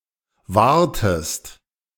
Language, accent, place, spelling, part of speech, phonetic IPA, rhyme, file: German, Germany, Berlin, wahrtest, verb, [ˈvaːɐ̯təst], -aːɐ̯təst, De-wahrtest.ogg
- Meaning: inflection of wahren: 1. second-person singular preterite 2. second-person singular subjunctive II